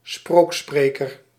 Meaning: minstrel, itinerant medieval storyteller who recited tales and poetry
- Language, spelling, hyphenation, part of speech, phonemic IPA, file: Dutch, sprookspreker, sprook‧spre‧ker, noun, /ˈsproːk.spreː.kər/, Nl-sprookspreker.ogg